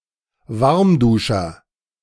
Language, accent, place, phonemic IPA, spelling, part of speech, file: German, Germany, Berlin, /ˈvaʁmˌduːʃɐ/, Warmduscher, noun, De-Warmduscher.ogg
- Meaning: wimp, weakling